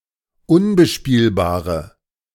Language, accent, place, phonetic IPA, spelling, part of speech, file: German, Germany, Berlin, [ˈʊnbəˌʃpiːlbaːʁə], unbespielbare, adjective, De-unbespielbare.ogg
- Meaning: inflection of unbespielbar: 1. strong/mixed nominative/accusative feminine singular 2. strong nominative/accusative plural 3. weak nominative all-gender singular